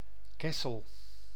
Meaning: 1. a town and former municipality of Limburg, Netherlands 2. a former village and former municipality of Oss, North Brabant, Netherlands
- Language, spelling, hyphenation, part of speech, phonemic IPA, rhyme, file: Dutch, Kessel, Kes‧sel, proper noun, /ˈkɛ.səl/, -ɛsəl, Nl-Kessel.ogg